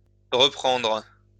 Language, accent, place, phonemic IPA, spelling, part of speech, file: French, France, Lyon, /ʁə.pɑ̃dʁ/, rependre, verb, LL-Q150 (fra)-rependre.wav
- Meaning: to rehang; to hang again